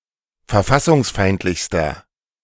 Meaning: inflection of verfassungsfeindlich: 1. strong/mixed nominative masculine singular superlative degree 2. strong genitive/dative feminine singular superlative degree
- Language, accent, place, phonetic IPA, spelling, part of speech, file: German, Germany, Berlin, [fɛɐ̯ˈfasʊŋsˌfaɪ̯ntlɪçstɐ], verfassungsfeindlichster, adjective, De-verfassungsfeindlichster.ogg